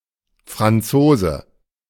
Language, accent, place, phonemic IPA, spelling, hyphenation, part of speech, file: German, Germany, Berlin, /fʁanˈtsoːzə/, Franzose, Fran‧zo‧se, noun, De-Franzose.ogg
- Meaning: 1. Frenchman (person of French birth or nationality) 2. A French car 3. monkey wrench